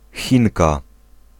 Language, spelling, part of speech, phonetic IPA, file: Polish, Chinka, noun, [ˈxʲĩŋka], Pl-Chinka.ogg